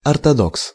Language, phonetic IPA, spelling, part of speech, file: Russian, [ɐrtɐˈdoks], ортодокс, noun, Ru-ортодокс.ogg
- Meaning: 1. person with orthodox views 2. Orthodox Jew